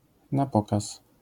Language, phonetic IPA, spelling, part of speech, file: Polish, [na‿ˈpɔkas], na pokaz, adjectival phrase / adverbial phrase, LL-Q809 (pol)-na pokaz.wav